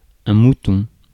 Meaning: 1. sheep (animal) 2. mutton (meat) 3. lemming, sheep (someone who follows a crowd and succumbs to groupthink) 4. mouton (coin) 5. dust bunny
- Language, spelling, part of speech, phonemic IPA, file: French, mouton, noun, /mu.tɔ̃/, Fr-mouton.ogg